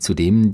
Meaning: moreover, furthermore
- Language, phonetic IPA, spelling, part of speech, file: German, [tsuˈdeːm], zudem, adverb, De-zudem.ogg